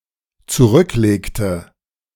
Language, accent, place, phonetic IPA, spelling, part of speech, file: German, Germany, Berlin, [t͡suˈʁʏkˌleːktə], zurücklegte, verb, De-zurücklegte.ogg
- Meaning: inflection of zurücklegen: 1. first/third-person singular dependent preterite 2. first/third-person singular dependent subjunctive II